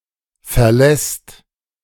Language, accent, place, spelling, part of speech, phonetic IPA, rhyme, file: German, Germany, Berlin, verlässt, verb, [fɛɐ̯ˈlɛst], -ɛst, De-verlässt.ogg
- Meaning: second/third-person singular present of verlassen